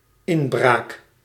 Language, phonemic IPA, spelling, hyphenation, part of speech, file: Dutch, /ˈɪnˌbraːk/, inbraak, in‧braak, noun, Nl-inbraak.ogg
- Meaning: break-in